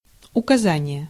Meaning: 1. instruction, direction 2. indication
- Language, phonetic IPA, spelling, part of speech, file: Russian, [ʊkɐˈzanʲɪje], указание, noun, Ru-указание.ogg